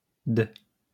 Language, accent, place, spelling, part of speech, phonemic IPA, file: French, France, Lyon, d', preposition, /d‿/, LL-Q150 (fra)-d'.wav
- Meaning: apocopic form of de: of